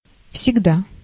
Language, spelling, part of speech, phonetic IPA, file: Russian, всегда, adverb, [fsʲɪɡˈda], Ru-всегда.ogg
- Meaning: always